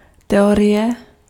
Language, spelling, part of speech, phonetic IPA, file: Czech, teorie, noun, [ˈtɛorɪjɛ], Cs-teorie.ogg
- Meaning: theory